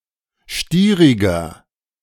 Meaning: 1. comparative degree of stierig 2. inflection of stierig: strong/mixed nominative masculine singular 3. inflection of stierig: strong genitive/dative feminine singular
- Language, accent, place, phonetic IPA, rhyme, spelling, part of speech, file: German, Germany, Berlin, [ˈʃtiːʁɪɡɐ], -iːʁɪɡɐ, stieriger, adjective, De-stieriger.ogg